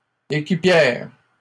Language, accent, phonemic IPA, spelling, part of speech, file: French, Canada, /e.ki.pjɛʁ/, équipières, noun, LL-Q150 (fra)-équipières.wav
- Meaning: feminine plural of équipier